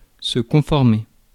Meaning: to conform; comply
- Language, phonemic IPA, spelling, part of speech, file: French, /kɔ̃.fɔʁ.me/, conformer, verb, Fr-conformer.ogg